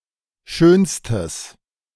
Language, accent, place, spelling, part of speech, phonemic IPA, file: German, Germany, Berlin, schönstes, adjective, /ˈʃøːnstəs/, De-schönstes.ogg
- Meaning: strong/mixed nominative/accusative neuter singular superlative degree of schön